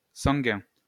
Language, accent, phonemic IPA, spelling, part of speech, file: French, France, /sɑ̃.ɡɛ̃/, sanguin, adjective, LL-Q150 (fra)-sanguin.wav
- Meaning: 1. blood 2. blood red 3. hotheaded